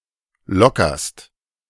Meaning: second-person singular present of lockern
- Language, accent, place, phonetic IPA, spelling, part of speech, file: German, Germany, Berlin, [ˈlɔkɐst], lockerst, verb, De-lockerst.ogg